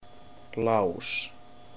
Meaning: lock (on a door, etc.)
- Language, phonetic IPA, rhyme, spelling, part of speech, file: Icelandic, [ˈlauːs], -auːs, lás, noun, Is-Lás.ogg